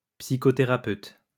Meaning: psychotherapist
- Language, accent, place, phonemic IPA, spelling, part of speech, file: French, France, Lyon, /psi.kɔ.te.ʁa.pøt/, psychothérapeute, noun, LL-Q150 (fra)-psychothérapeute.wav